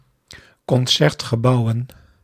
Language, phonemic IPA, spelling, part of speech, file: Dutch, /kɔnˈsɛrtxəˌbauwə(n)/, concertgebouwen, noun, Nl-concertgebouwen.ogg
- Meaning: plural of concertgebouw